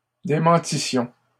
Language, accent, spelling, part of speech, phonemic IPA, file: French, Canada, démentissions, verb, /de.mɑ̃.ti.sjɔ̃/, LL-Q150 (fra)-démentissions.wav
- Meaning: first-person plural imperfect subjunctive of démentir